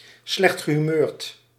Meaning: in a bad mood
- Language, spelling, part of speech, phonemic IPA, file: Dutch, slechtgehumeurd, adjective, /ˌslɛxtɣəɦyˈmøːrt/, Nl-slechtgehumeurd.ogg